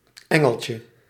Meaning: diminutive of engel
- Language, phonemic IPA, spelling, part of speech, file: Dutch, /ˈɛŋəlcə/, engeltje, noun, Nl-engeltje.ogg